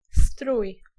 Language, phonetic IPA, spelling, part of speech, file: Polish, [struj], strój, noun / verb, Pl-strój.ogg